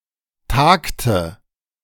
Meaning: inflection of tagen: 1. first/third-person singular preterite 2. first/third-person singular subjunctive II
- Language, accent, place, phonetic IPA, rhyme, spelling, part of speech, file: German, Germany, Berlin, [ˈtaːktə], -aːktə, tagte, verb, De-tagte.ogg